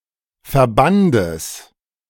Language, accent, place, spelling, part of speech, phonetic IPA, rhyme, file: German, Germany, Berlin, Verbandes, noun, [fɛɐ̯ˈbandəs], -andəs, De-Verbandes.ogg
- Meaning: genitive singular of Verband